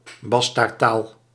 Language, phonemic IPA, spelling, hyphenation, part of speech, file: Dutch, /ˈbɑs.taːrˌtaːl/, bastaardtaal, bas‧taard‧taal, noun, Nl-bastaardtaal.ogg
- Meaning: a bastardised language, containing many foreign elements; a bastard language